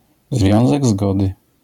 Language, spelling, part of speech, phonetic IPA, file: Polish, związek zgody, noun, [ˈzvʲjɔ̃w̃zɛɡ ˈzɡɔdɨ], LL-Q809 (pol)-związek zgody.wav